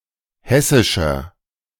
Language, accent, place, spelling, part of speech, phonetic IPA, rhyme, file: German, Germany, Berlin, hessischer, adjective, [ˈhɛsɪʃɐ], -ɛsɪʃɐ, De-hessischer.ogg
- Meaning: inflection of hessisch: 1. strong/mixed nominative masculine singular 2. strong genitive/dative feminine singular 3. strong genitive plural